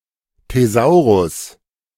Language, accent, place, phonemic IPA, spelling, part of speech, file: German, Germany, Berlin, /teˈzaʊ̯ʁʊs/, Thesaurus, noun, De-Thesaurus.ogg
- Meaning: thesaurus (list of synonyms)